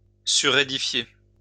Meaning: to build on top of
- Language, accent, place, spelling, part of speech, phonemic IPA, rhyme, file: French, France, Lyon, surédifier, verb, /sy.ʁe.di.fje/, -e, LL-Q150 (fra)-surédifier.wav